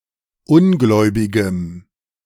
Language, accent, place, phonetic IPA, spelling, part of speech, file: German, Germany, Berlin, [ˈʊnˌɡlɔɪ̯bɪɡəm], ungläubigem, adjective, De-ungläubigem.ogg
- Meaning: strong dative masculine/neuter singular of ungläubig